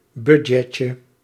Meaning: diminutive of budget
- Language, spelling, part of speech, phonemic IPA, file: Dutch, budgetje, noun, /bydʒɛtjə/, Nl-budgetje.ogg